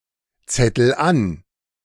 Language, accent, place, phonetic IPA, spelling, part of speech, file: German, Germany, Berlin, [ˌt͡sɛtl̩ ˈan], zettel an, verb, De-zettel an.ogg
- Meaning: inflection of anzetteln: 1. first-person singular present 2. singular imperative